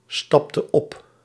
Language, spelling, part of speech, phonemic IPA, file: Dutch, stapte op, verb, /ˈstɑptə ˈɔp/, Nl-stapte op.ogg
- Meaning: inflection of opstappen: 1. singular past indicative 2. singular past subjunctive